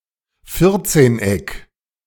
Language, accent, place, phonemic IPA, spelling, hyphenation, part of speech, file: German, Germany, Berlin, /ˈfɪʁtseːnˌ.ɛk/, Vierzehneck, Vier‧zehn‧eck, noun, De-Vierzehneck.ogg
- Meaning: tetradecagon